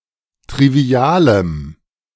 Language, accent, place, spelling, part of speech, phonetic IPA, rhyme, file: German, Germany, Berlin, trivialem, adjective, [tʁiˈvi̯aːləm], -aːləm, De-trivialem.ogg
- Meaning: strong dative masculine/neuter singular of trivial